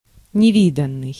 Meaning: 1. previously unseen or unknown 2. extraordinary, exceptional, unprecedented
- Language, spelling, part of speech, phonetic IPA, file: Russian, невиданный, adjective, [nʲɪˈvʲidən(ː)ɨj], Ru-невиданный.ogg